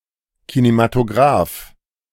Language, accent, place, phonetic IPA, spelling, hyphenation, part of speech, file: German, Germany, Berlin, [kinematoˈɡʁaːf], Kinematograph, Ki‧ne‧ma‧to‧graph, noun, De-Kinematograph.ogg
- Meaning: cinematograph